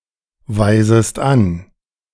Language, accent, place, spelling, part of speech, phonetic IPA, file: German, Germany, Berlin, weisest an, verb, [vaɪ̯zəst ˈan], De-weisest an.ogg
- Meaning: second-person singular subjunctive I of anweisen